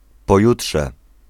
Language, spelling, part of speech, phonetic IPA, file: Polish, pojutrze, adverb / noun, [pɔˈjuṭʃɛ], Pl-pojutrze.ogg